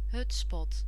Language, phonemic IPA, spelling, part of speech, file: Dutch, /ˈɦʏts.pɔt/, hutspot, noun, Nl-hutspot.ogg
- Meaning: A traditional Dutch dish made from mashed potatoes, carrots and onions, seasoned with pepper, laurel, and cloves a.o